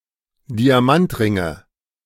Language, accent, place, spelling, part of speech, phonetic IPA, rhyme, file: German, Germany, Berlin, Diamantringe, noun, [diaˈmantˌʁɪŋə], -antʁɪŋə, De-Diamantringe.ogg
- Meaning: nominative/accusative/genitive plural of Diamantring